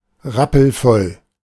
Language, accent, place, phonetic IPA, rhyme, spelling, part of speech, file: German, Germany, Berlin, [ˈʁapl̩ˈfɔl], -ɔl, rappelvoll, adjective, De-rappelvoll.ogg
- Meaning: chock full